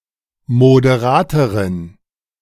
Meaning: inflection of moderat: 1. strong genitive masculine/neuter singular comparative degree 2. weak/mixed genitive/dative all-gender singular comparative degree
- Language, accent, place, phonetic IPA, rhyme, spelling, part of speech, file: German, Germany, Berlin, [modeˈʁaːtəʁən], -aːtəʁən, moderateren, adjective, De-moderateren.ogg